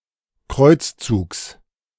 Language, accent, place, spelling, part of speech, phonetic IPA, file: German, Germany, Berlin, Kreuzzugs, noun, [ˈkʁɔɪ̯t͡sˌt͡suːks], De-Kreuzzugs.ogg
- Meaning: genitive singular of Kreuzzug